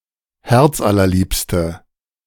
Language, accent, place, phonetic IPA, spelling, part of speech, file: German, Germany, Berlin, [ˈhɛʁt͡sʔalɐˌliːpstə], herzallerliebste, adjective, De-herzallerliebste.ogg
- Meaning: inflection of herzallerliebst: 1. strong/mixed nominative/accusative feminine singular 2. strong nominative/accusative plural 3. weak nominative all-gender singular